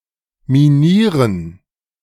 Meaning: 1. to mine, to dig tunnels, galleries (but not used for the extraction of raw materials, see abbauen instead) 2. to mine (equip with explosive devices)
- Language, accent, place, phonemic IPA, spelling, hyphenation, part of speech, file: German, Germany, Berlin, /miˈniːʁən/, minieren, mi‧nie‧ren, verb, De-minieren.ogg